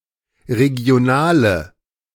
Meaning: inflection of regional: 1. strong/mixed nominative/accusative feminine singular 2. strong nominative/accusative plural 3. weak nominative all-gender singular
- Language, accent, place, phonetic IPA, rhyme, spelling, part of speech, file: German, Germany, Berlin, [ʁeɡi̯oˈnaːlə], -aːlə, regionale, adjective, De-regionale.ogg